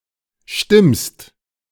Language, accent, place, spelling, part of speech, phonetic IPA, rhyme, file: German, Germany, Berlin, stimmst, verb, [ʃtɪmst], -ɪmst, De-stimmst.ogg
- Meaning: second-person singular present of stimmen